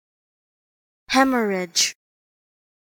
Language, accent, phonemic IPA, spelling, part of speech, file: English, US, /ˈhɛm(ə)ɹɪd͡ʒ/, hemorrhage, noun / verb, Hemorrhage.ogg
- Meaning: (noun) 1. A heavy release of blood within or from the body 2. A sudden or significant loss; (verb) 1. To bleed copiously 2. To lose (something) in copious and detrimental quantities